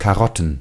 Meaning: plural of Karotte
- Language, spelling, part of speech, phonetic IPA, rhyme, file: German, Karotten, noun, [kaˈʁɔtn̩], -ɔtn̩, De-Karotten.ogg